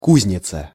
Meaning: 1. smithy, blacksmith's shop, forge 2. farriery 3. foundry, forge, factory, powerhouse, incubator (a place for developing or training some valuable quality; a source of trained specialists)
- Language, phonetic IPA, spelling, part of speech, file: Russian, [ˈkuzʲnʲɪt͡sə], кузница, noun, Ru-кузница.ogg